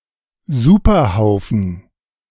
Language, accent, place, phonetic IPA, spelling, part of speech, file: German, Germany, Berlin, [ˈzuːpɐˌhaʊ̯fn̩], Superhaufen, noun, De-Superhaufen.ogg
- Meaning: super cluster